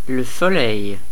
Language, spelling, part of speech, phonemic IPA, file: French, Soleil, proper noun, /sɔ.lɛj/, Fr-Le-Soleil.ogg
- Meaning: the Sun